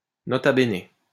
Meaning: n.b., N.B
- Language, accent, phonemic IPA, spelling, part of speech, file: French, France, /ɛn.be/, N.B., interjection, LL-Q150 (fra)-N.B..wav